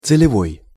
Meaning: having a special purpose, purposeful, earmarked for a special purpose
- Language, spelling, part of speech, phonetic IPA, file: Russian, целевой, adjective, [t͡sɨlʲɪˈvoj], Ru-целевой.ogg